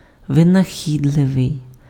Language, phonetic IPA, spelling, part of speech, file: Ukrainian, [ʋenɐˈxʲidɫeʋei̯], винахідливий, adjective, Uk-винахідливий.ogg
- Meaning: inventive, resourceful, ingenious